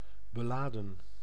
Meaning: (verb) 1. to burden, to charge, to lade, to freight, to load, to encumber 2. to pack, to pile; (adjective) laden, fraught (heavily loaded or weighed down)
- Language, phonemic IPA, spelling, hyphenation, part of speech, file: Dutch, /bəˈlaː.də(n)/, beladen, be‧la‧den, verb / adjective, Nl-beladen.ogg